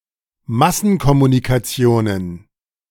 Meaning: plural of Massenkommunikation
- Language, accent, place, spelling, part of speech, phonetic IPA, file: German, Germany, Berlin, Massenkommunikationen, noun, [ˈmasn̩kɔmunikaˌt͡si̯oːnən], De-Massenkommunikationen.ogg